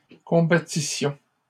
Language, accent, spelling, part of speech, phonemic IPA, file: French, Canada, combattissions, verb, /kɔ̃.ba.ti.sjɔ̃/, LL-Q150 (fra)-combattissions.wav
- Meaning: first-person plural imperfect subjunctive of combattre